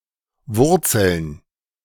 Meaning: 1. gerund of wurzeln 2. plural of Wurzel "roots"
- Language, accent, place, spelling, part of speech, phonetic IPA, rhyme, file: German, Germany, Berlin, Wurzeln, noun, [ˈvʊʁt͡sl̩n], -ʊʁt͡sl̩n, De-Wurzeln.ogg